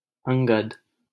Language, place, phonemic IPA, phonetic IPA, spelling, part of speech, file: Hindi, Delhi, /əŋ.ɡəd̪/, [ɐ̃ŋ.ɡɐd̪], अंगद, noun / proper noun, LL-Q1568 (hin)-अंगद.wav
- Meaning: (noun) armlet; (proper noun) 1. Angada; the son of Vali and nephew of Sugriva, who served as a powerful commander in Rāma's army in Ramayana 2. a male given name, Angada and Angad, from Sanskrit